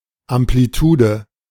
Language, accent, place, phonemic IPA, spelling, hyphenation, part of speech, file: German, Germany, Berlin, /ˌampliˈtuːdə/, Amplitude, Am‧pli‧tu‧de, noun, De-Amplitude.ogg
- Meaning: amplitude (mathematics, physics)